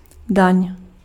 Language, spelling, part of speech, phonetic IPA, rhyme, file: Czech, daň, noun / verb, [ˈdaɲ], -aɲ, Cs-daň.ogg
- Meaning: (noun) tax; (verb) second-person singular imperative of danit